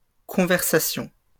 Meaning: plural of conversation
- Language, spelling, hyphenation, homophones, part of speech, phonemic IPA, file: French, conversations, con‧ver‧sa‧tions, conversation, noun, /kɔ̃.vɛʁ.sa.sjɔ̃/, LL-Q150 (fra)-conversations.wav